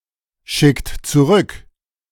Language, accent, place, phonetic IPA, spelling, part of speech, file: German, Germany, Berlin, [ˌʃɪkt t͡suˈʁʏk], schickt zurück, verb, De-schickt zurück.ogg
- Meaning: inflection of zurückschicken: 1. second-person plural present 2. third-person singular present 3. plural imperative